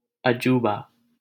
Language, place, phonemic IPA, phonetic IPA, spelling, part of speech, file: Hindi, Delhi, /ə.d͡ʒuː.bɑː/, [ɐ.d͡ʒuː.bäː], अजूबा, noun, LL-Q1568 (hin)-अजूबा.wav
- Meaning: wonder, marvel, miracle